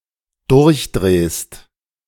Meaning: second-person singular dependent present of durchdrehen
- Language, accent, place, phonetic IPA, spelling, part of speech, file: German, Germany, Berlin, [ˈdʊʁçˌdʁeːst], durchdrehst, verb, De-durchdrehst.ogg